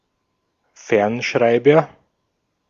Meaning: 1. teletype, ticker 2. telegraph
- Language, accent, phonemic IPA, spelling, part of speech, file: German, Austria, /ˈfɛʁnˌʃʁaɪ̯bɐ/, Fernschreiber, noun, De-at-Fernschreiber.ogg